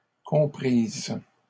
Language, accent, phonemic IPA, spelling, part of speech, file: French, Canada, /kɔ̃.pʁiz/, comprise, verb, LL-Q150 (fra)-comprise.wav
- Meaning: feminine singular of compris